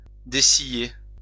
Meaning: to open someone's eyes (to make them see or understand something)
- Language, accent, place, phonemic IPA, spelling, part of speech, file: French, France, Lyon, /de.si.je/, dessiller, verb, LL-Q150 (fra)-dessiller.wav